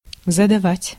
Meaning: 1. to set, to assign (an exercise, a lesson) 2. to ask (a question) 3. to pose (a problem) 4. to give, to throw (a dinner, a banquet) 5. to give, to administer (a punishment)
- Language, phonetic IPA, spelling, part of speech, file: Russian, [zədɐˈvatʲ], задавать, verb, Ru-задавать.ogg